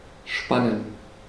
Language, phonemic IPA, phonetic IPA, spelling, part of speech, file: German, /ˈʃpanən/, [ˈʃpann̩], spannen, verb, De-spannen.ogg
- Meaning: 1. to stretch 2. to tighten 3. to tension 4. to be taut 5. to harness 6. to span 7. to stare, gaze 8. to peep, spy on someone